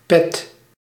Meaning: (noun) cap (headwear with a peak at the front); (adjective) bad, crappy
- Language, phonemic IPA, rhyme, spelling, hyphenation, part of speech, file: Dutch, /pɛt/, -ɛt, pet, pet, noun / adjective, Nl-pet.ogg